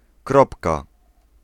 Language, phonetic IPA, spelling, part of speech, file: Polish, [ˈkrɔpka], kropka, noun, Pl-kropka.ogg